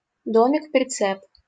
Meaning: trailer (vehicle towed behind another)
- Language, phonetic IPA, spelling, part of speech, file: Russian, [prʲɪˈt͡sɛp], прицеп, noun, LL-Q7737 (rus)-прицеп.wav